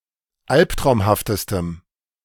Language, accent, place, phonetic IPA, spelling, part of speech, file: German, Germany, Berlin, [ˈalptʁaʊ̯mhaftəstəm], alptraumhaftestem, adjective, De-alptraumhaftestem.ogg
- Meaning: strong dative masculine/neuter singular superlative degree of alptraumhaft